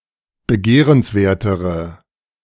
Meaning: inflection of begehrenswert: 1. strong/mixed nominative/accusative feminine singular comparative degree 2. strong nominative/accusative plural comparative degree
- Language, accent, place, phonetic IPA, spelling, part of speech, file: German, Germany, Berlin, [bəˈɡeːʁənsˌveːɐ̯təʁə], begehrenswertere, adjective, De-begehrenswertere.ogg